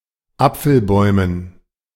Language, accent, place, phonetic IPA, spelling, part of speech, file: German, Germany, Berlin, [ˈap͡fl̩ˌbɔɪ̯mən], Apfelbäumen, noun, De-Apfelbäumen.ogg
- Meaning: dative plural of Apfelbaum